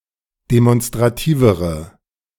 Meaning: inflection of demonstrativ: 1. strong/mixed nominative/accusative feminine singular comparative degree 2. strong nominative/accusative plural comparative degree
- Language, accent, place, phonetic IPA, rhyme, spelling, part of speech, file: German, Germany, Berlin, [demɔnstʁaˈtiːvəʁə], -iːvəʁə, demonstrativere, adjective, De-demonstrativere.ogg